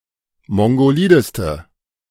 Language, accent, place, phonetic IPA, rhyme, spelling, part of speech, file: German, Germany, Berlin, [ˌmɔŋɡoˈliːdəstə], -iːdəstə, mongolideste, adjective, De-mongolideste.ogg
- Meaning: inflection of mongolid: 1. strong/mixed nominative/accusative feminine singular superlative degree 2. strong nominative/accusative plural superlative degree